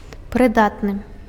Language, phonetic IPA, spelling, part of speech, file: Belarusian, [prɨˈdatnɨ], прыдатны, adjective, Be-прыдатны.ogg
- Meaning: suitable, fitting